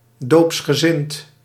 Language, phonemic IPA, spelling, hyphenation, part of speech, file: Dutch, /ˌdoːps.xəˈzɪn.t/, doopsgezind, doops‧ge‧zind, adjective, Nl-doopsgezind.ogg
- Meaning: Mennonite (Anabaptist grouping)